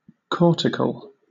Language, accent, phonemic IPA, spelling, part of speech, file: English, Southern England, /ˈkɔː.tɪ.kəl/, cortical, adjective, LL-Q1860 (eng)-cortical.wav
- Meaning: Pertaining to the outer layer of an internal organ or body structure, such as the kidney or the brain